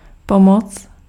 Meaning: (noun) help, aid, assistance; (interjection) help! (cry of distress)
- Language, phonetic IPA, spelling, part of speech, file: Czech, [ˈpomot͡s], pomoc, noun / interjection, Cs-pomoc.ogg